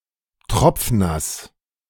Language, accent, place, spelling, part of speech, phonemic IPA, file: German, Germany, Berlin, tropfnass, adjective, /ˈtʁɔpfˈnas/, De-tropfnass.ogg
- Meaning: soaking wet